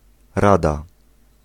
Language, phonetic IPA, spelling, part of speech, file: Polish, [ˈrada], rada, noun / adjective, Pl-rada.ogg